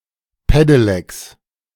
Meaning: plural of Pedelec
- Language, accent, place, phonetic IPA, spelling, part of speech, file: German, Germany, Berlin, [ˈpedelɛks], Pedelecs, noun, De-Pedelecs.ogg